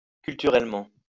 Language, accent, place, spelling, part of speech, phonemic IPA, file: French, France, Lyon, culturellement, adverb, /kyl.ty.ʁɛl.mɑ̃/, LL-Q150 (fra)-culturellement.wav
- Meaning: culturally